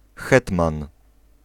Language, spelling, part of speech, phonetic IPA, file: Polish, hetman, noun, [ˈxɛtmãn], Pl-hetman.ogg